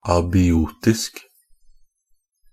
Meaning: abiotic (nonliving, inanimate, characterised by the absence of life)
- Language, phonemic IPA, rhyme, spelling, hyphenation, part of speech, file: Norwegian Bokmål, /ɑːbɪˈuːtɪsk/, -ɪsk, abiotisk, a‧bi‧o‧tisk, adjective, NB - Pronunciation of Norwegian Bokmål «abiotisk».ogg